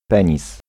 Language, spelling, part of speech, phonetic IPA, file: Polish, penis, noun, [ˈpɛ̃ɲis], Pl-penis.ogg